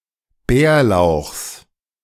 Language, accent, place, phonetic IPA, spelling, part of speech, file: German, Germany, Berlin, [ˈbɛːɐ̯ˌlaʊ̯xs], Bärlauchs, noun, De-Bärlauchs.ogg
- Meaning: genitive singular of Bärlauch